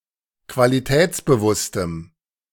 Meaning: strong dative masculine/neuter singular of qualitätsbewusst
- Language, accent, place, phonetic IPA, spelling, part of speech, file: German, Germany, Berlin, [kvaliˈtɛːt͡sbəˌvʊstəm], qualitätsbewusstem, adjective, De-qualitätsbewusstem.ogg